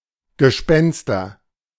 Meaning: nominative/accusative/genitive plural of Gespenst
- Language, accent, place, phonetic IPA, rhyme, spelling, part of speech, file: German, Germany, Berlin, [ɡəˈʃpɛnstɐ], -ɛnstɐ, Gespenster, noun, De-Gespenster.ogg